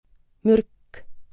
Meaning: poison; venom: 1. A substance that can cause organ dysfunction or death when ingested into an organism 2. Something damaging or harming a soul, a person
- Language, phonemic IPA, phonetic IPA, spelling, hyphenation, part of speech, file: Estonian, /ˈmyrk/, [ˈmyrkˑ], mürk, mürk, noun, Et-mürk.ogg